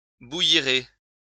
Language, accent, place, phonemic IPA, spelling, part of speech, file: French, France, Lyon, /bu.ji.ʁe/, bouillirez, verb, LL-Q150 (fra)-bouillirez.wav
- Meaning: second-person plural future of bouillir